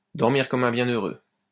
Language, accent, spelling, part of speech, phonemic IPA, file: French, France, dormir comme un bienheureux, verb, /dɔʁ.miʁ kɔm œ̃ bjɛ̃.nø.ʁø/, LL-Q150 (fra)-dormir comme un bienheureux.wav
- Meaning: to sleep like a baby, to sleep the sleep of the just